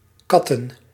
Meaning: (verb) to slate, to criticise heavily, in a snide manner; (noun) plural of kat
- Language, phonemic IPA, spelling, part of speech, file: Dutch, /ˈkɑ.tə(n)/, katten, verb / noun, Nl-katten.ogg